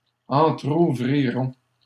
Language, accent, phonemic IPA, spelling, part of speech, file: French, Canada, /ɑ̃.tʁu.vʁi.ʁɔ̃/, entrouvrirons, verb, LL-Q150 (fra)-entrouvrirons.wav
- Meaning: first-person plural simple future of entrouvrir